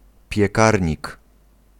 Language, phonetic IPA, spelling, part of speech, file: Polish, [pʲjɛˈkarʲɲik], piekarnik, noun, Pl-piekarnik.ogg